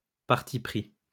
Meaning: bias
- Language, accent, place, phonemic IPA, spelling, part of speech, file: French, France, Lyon, /paʁ.ti.pʁi/, parti-pris, noun, LL-Q150 (fra)-parti-pris.wav